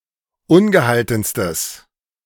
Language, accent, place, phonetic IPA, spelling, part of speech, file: German, Germany, Berlin, [ˈʊnɡəˌhaltn̩stəs], ungehaltenstes, adjective, De-ungehaltenstes.ogg
- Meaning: strong/mixed nominative/accusative neuter singular superlative degree of ungehalten